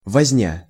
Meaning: 1. fuss, bustle, scurrying, fumbling 2. trouble, bother 3. noise, racket, romp, roughhousing
- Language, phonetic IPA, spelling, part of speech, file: Russian, [vɐzʲˈnʲa], возня, noun, Ru-возня.ogg